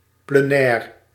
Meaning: plenary
- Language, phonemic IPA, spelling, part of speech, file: Dutch, /pleˈnɛːr/, plenair, adjective, Nl-plenair.ogg